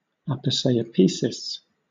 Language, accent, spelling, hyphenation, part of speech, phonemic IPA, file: English, Southern England, aposiopesis, apo‧si‧o‧pe‧sis, noun, /ˌæpəsaɪəˈpiːsɪs/, LL-Q1860 (eng)-aposiopesis.wav
- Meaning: An abrupt breaking-off in speech, often indicated in print using an ellipsis (…) or an em dash (—)